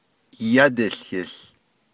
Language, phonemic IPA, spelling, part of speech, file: Navajo, /jɑ́tɪ̀ɬhɪ̀ɬ/, yádiłhił, noun, Nv-yádiłhił.ogg
- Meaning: 1. heavens, universe 2. outer space